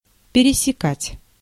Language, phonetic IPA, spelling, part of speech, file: Russian, [pʲɪrʲɪsʲɪˈkatʲ], пересекать, verb, Ru-пересекать.ogg
- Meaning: 1. to intersect 2. to pierce into objects that are arranged in a line 3. to move across in a transverse direction 4. to move through any space vigorously 5. to divide into many parts